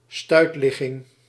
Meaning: breech position (of a foetus), breech presentation
- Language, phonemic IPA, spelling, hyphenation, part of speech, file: Dutch, /ˈstœy̯tˌlɪ.ɣɪŋ/, stuitligging, stuit‧lig‧ging, noun, Nl-stuitligging.ogg